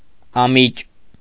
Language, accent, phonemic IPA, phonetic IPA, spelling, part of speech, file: Armenian, Eastern Armenian, /ɑˈmit͡ʃ/, [ɑmít͡ʃ], ամիճ, noun, Hy-ամիճ.ogg
- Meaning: a certain dainty dish containing game meat